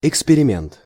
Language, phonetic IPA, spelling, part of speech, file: Russian, [ɪkspʲɪrʲɪˈmʲent], эксперимент, noun, Ru-эксперимент.ogg
- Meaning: experiment